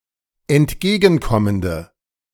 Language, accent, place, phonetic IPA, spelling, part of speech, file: German, Germany, Berlin, [ɛntˈɡeːɡn̩ˌkɔməndə], entgegenkommende, adjective, De-entgegenkommende.ogg
- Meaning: inflection of entgegenkommend: 1. strong/mixed nominative/accusative feminine singular 2. strong nominative/accusative plural 3. weak nominative all-gender singular